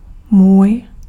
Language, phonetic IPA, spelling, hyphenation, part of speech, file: Czech, [ˈmuːj], můj, můj, pronoun, Cs-můj.ogg
- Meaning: my, mine